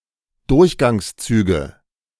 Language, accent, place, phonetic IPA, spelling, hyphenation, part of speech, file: German, Germany, Berlin, [ˈdʊʁçɡaŋsˌt͡syːɡə], Durchgangszüge, Durch‧gangs‧zü‧ge, noun, De-Durchgangszüge.ogg
- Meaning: nominative genitive accusative plural of Durchgangszug